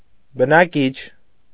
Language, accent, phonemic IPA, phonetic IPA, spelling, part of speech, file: Armenian, Eastern Armenian, /bənɑˈkit͡ʃʰ/, [bənɑkít͡ʃʰ], բնակիչ, noun, Hy-բնակիչ.ogg
- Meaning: inhabitant, resident